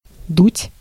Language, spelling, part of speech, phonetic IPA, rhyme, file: Russian, дуть, verb, [dutʲ], -utʲ, Ru-дуть.ogg
- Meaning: 1. to blow 2. to be drafty 3. to go quickly, to scamper 4. to smoke marijuana